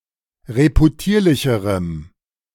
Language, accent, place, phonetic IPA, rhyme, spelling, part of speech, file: German, Germany, Berlin, [ʁepuˈtiːɐ̯lɪçəʁəm], -iːɐ̯lɪçəʁəm, reputierlicherem, adjective, De-reputierlicherem.ogg
- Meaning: strong dative masculine/neuter singular comparative degree of reputierlich